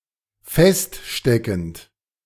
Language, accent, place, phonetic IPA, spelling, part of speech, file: German, Germany, Berlin, [ˈfɛstˌʃtɛkn̩t], feststeckend, verb, De-feststeckend.ogg
- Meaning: present participle of feststecken